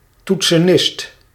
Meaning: keyboardist
- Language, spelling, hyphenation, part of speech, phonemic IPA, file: Dutch, toetsenist, toet‧se‧nist, noun, /ˌtutsəˈnɪst/, Nl-toetsenist.ogg